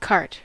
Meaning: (noun) A small, open, wheeled vehicle, drawn or pushed by a person or animal, often with two wheels on one axle, more often used for transporting goods than passengers
- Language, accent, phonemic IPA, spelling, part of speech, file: English, US, /kɑɹt/, cart, noun / verb, En-us-cart.ogg